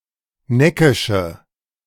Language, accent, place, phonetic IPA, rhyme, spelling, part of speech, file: German, Germany, Berlin, [ˈnɛkɪʃə], -ɛkɪʃə, neckische, adjective, De-neckische.ogg
- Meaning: inflection of neckisch: 1. strong/mixed nominative/accusative feminine singular 2. strong nominative/accusative plural 3. weak nominative all-gender singular